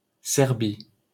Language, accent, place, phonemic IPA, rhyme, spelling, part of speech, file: French, France, Paris, /sɛʁ.bi/, -i, Serbie, proper noun, LL-Q150 (fra)-Serbie.wav
- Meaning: Serbia (a country on the Balkan Peninsula in Southeastern Europe)